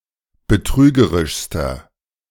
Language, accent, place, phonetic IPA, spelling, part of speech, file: German, Germany, Berlin, [bəˈtʁyːɡəʁɪʃstɐ], betrügerischster, adjective, De-betrügerischster.ogg
- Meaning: inflection of betrügerisch: 1. strong/mixed nominative masculine singular superlative degree 2. strong genitive/dative feminine singular superlative degree 3. strong genitive plural superlative degree